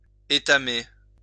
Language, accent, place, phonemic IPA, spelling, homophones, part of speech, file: French, France, Lyon, /e.ta.me/, étamer, étamai / étamé / étamée / étamées / étamés / étamez, verb, LL-Q150 (fra)-étamer.wav
- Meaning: to tin plate (metal, etc.)